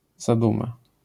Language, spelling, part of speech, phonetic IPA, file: Polish, zaduma, noun, [zaˈdũma], LL-Q809 (pol)-zaduma.wav